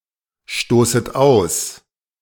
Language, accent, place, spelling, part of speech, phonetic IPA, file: German, Germany, Berlin, stoßet aus, verb, [ˌʃtoːsət ˈaʊ̯s], De-stoßet aus.ogg
- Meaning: second-person plural subjunctive I of ausstoßen